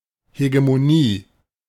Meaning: hegemony
- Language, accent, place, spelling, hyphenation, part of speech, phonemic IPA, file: German, Germany, Berlin, Hegemonie, He‧ge‧mo‧nie, noun, /heɡemoˈniː/, De-Hegemonie.ogg